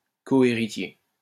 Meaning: coinheritor
- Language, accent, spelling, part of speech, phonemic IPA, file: French, France, cohéritier, noun, /kɔ.e.ʁi.tje/, LL-Q150 (fra)-cohéritier.wav